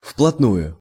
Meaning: 1. closely, tightly 2. seriously, in earnest
- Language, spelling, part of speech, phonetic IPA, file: Russian, вплотную, adverb, [fpɫɐtˈnujʊ], Ru-вплотную.ogg